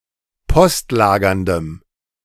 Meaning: strong dative masculine/neuter singular of postlagernd
- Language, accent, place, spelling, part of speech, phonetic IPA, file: German, Germany, Berlin, postlagerndem, adjective, [ˈpɔstˌlaːɡɐndəm], De-postlagerndem.ogg